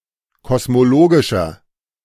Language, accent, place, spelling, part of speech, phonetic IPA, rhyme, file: German, Germany, Berlin, kosmologischer, adjective, [kɔsmoˈloːɡɪʃɐ], -oːɡɪʃɐ, De-kosmologischer.ogg
- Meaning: inflection of kosmologisch: 1. strong/mixed nominative masculine singular 2. strong genitive/dative feminine singular 3. strong genitive plural